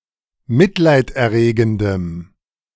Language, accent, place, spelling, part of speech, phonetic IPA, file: German, Germany, Berlin, mitleiderregendem, adjective, [ˈmɪtlaɪ̯tʔɛɐ̯ˌʁeːɡn̩dəm], De-mitleiderregendem.ogg
- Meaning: strong dative masculine/neuter singular of mitleiderregend